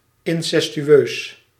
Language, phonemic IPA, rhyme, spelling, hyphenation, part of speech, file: Dutch, /ˌɪn.sɛs.tyˈøːs/, -øːs, incestueus, in‧ces‧tu‧eus, adjective, Nl-incestueus.ogg
- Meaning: incestuous